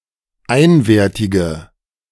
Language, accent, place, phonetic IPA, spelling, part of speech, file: German, Germany, Berlin, [ˈaɪ̯nveːɐ̯tɪɡə], einwertige, adjective, De-einwertige.ogg
- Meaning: inflection of einwertig: 1. strong/mixed nominative/accusative feminine singular 2. strong nominative/accusative plural 3. weak nominative all-gender singular